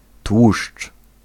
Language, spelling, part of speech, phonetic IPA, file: Polish, tłuszcz, noun, [twuʃt͡ʃ], Pl-tłuszcz.ogg